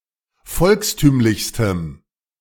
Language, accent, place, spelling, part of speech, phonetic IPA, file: German, Germany, Berlin, volkstümlichstem, adjective, [ˈfɔlksˌtyːmlɪçstəm], De-volkstümlichstem.ogg
- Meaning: strong dative masculine/neuter singular superlative degree of volkstümlich